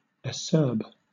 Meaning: 1. Sour, bitter, and harsh to the taste, such as unripe fruit 2. Sharp and harsh in expressing oneself
- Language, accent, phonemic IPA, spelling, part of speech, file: English, Southern England, /əˈsɜːb/, acerb, adjective, LL-Q1860 (eng)-acerb.wav